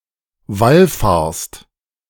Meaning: second-person singular present of wallfahren
- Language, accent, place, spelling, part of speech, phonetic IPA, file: German, Germany, Berlin, wallfahrst, verb, [ˈvalˌfaːɐ̯st], De-wallfahrst.ogg